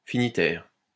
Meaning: finitary
- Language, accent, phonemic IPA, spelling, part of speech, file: French, France, /fi.ni.tɛʁ/, finitaire, adjective, LL-Q150 (fra)-finitaire.wav